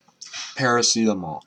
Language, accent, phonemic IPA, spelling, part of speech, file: English, US, /ˌpɛɹ.əˈsiː.təˌmɔl/, paracetamol, noun, En-paracetamol.oga
- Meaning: A synthetic compound used as a drug to relieve and reduce fever, usually taken in tablet form